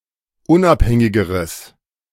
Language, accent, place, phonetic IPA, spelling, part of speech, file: German, Germany, Berlin, [ˈʊnʔapˌhɛŋɪɡəʁəs], unabhängigeres, adjective, De-unabhängigeres.ogg
- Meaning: strong/mixed nominative/accusative neuter singular comparative degree of unabhängig